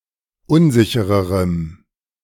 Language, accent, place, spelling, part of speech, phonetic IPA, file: German, Germany, Berlin, unsichererem, adjective, [ˈʊnˌzɪçəʁəʁəm], De-unsichererem.ogg
- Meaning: strong dative masculine/neuter singular comparative degree of unsicher